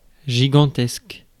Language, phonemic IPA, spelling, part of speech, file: French, /ʒi.ɡɑ̃.tɛsk/, gigantesque, adjective, Fr-gigantesque.ogg
- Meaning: gigantic